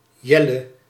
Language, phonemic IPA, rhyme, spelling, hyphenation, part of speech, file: Dutch, /ˈjɛ.lə/, -ɛlə, Jelle, Jel‧le, proper noun, Nl-Jelle.ogg
- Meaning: 1. a male given name 2. a surname